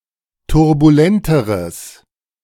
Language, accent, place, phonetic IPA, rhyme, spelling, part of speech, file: German, Germany, Berlin, [tʊʁbuˈlɛntəʁəs], -ɛntəʁəs, turbulenteres, adjective, De-turbulenteres.ogg
- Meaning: strong/mixed nominative/accusative neuter singular comparative degree of turbulent